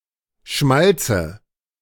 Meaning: nominative/accusative/genitive plural of Schmalz
- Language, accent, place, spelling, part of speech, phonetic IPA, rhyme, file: German, Germany, Berlin, Schmalze, noun, [ˈʃmalt͡sə], -alt͡sə, De-Schmalze.ogg